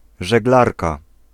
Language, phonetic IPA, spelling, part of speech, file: Polish, [ʒɛɡˈlarka], żeglarka, noun, Pl-żeglarka.ogg